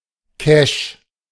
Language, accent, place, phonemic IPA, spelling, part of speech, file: German, Germany, Berlin, /kæʃ/, Cache, noun, De-Cache.ogg
- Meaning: 1. cache 2. geocache